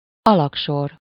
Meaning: basement (the habitable level below the ground floor, partly built into the ground, of a larger, usually multistorey building)
- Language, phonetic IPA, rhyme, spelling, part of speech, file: Hungarian, [ˈɒlɒkʃor], -or, alagsor, noun, Hu-alagsor.ogg